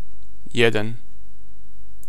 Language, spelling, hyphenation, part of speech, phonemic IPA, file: Serbo-Croatian, jedan, je‧dan, numeral, /jědan/, Sr-jedan.ogg
- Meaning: 1. one (1) 2. a, one, some